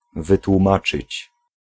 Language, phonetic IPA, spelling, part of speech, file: Polish, [ˌvɨtwũˈmat͡ʃɨt͡ɕ], wytłumaczyć, verb, Pl-wytłumaczyć.ogg